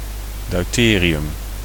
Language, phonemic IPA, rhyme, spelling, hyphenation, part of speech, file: Dutch, /ˌdœy̯ˈteː.ri.ʏm/, -eːriʏm, deuterium, deu‧te‧ri‧um, noun, Nl-deuterium.ogg
- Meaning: deuterium